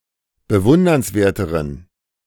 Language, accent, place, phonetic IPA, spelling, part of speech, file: German, Germany, Berlin, [bəˈvʊndɐnsˌveːɐ̯təʁən], bewundernswerteren, adjective, De-bewundernswerteren.ogg
- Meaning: inflection of bewundernswert: 1. strong genitive masculine/neuter singular comparative degree 2. weak/mixed genitive/dative all-gender singular comparative degree